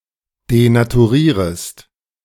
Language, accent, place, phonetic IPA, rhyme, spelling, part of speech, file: German, Germany, Berlin, [denatuˈʁiːʁəst], -iːʁəst, denaturierest, verb, De-denaturierest.ogg
- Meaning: second-person singular subjunctive I of denaturieren